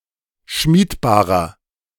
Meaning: inflection of schmiedbar: 1. strong/mixed nominative masculine singular 2. strong genitive/dative feminine singular 3. strong genitive plural
- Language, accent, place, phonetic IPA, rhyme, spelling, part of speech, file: German, Germany, Berlin, [ˈʃmiːtˌbaːʁɐ], -iːtbaːʁɐ, schmiedbarer, adjective, De-schmiedbarer.ogg